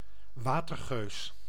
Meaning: an insurrectionist during the early stage of the Dutch Revolt who was active at sea; a Sea Beggar, a Water Beggar
- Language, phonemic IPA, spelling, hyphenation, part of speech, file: Dutch, /ˈʋaː.tərˌɣøːs/, watergeus, wa‧ter‧geus, noun, Nl-watergeus.ogg